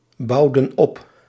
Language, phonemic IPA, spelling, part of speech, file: Dutch, /ˈbɑudə(n) ˈɔp/, bouwden op, verb, Nl-bouwden op.ogg
- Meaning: inflection of opbouwen: 1. plural past indicative 2. plural past subjunctive